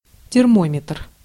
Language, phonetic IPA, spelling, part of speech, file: Russian, [tʲɪrˈmomʲɪtr], термометр, noun, Ru-термометр.ogg
- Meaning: thermometer (apparatus used to measure temperature)